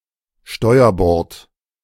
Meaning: starboard (the right side of a nautical vessel)
- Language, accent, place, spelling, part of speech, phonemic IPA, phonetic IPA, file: German, Germany, Berlin, Steuerbord, noun, /ˈʃtɔɪ̯əʁbɔʁt/, [ˈʃtɔɪ̯ɐbɔʁtʰ], De-Steuerbord.ogg